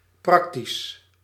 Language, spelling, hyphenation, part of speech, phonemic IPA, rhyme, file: Dutch, praktisch, prak‧tisch, adjective / adverb, /ˈprɑk.tis/, -ɑktis, Nl-praktisch.ogg
- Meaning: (adjective) practical; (adverb) practically, virtually (almost always)